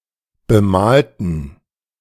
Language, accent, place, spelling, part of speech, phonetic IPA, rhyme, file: German, Germany, Berlin, bemalten, adjective / verb, [bəˈmaːltn̩], -aːltn̩, De-bemalten.ogg
- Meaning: inflection of bemalen: 1. first/third-person plural preterite 2. first/third-person plural subjunctive II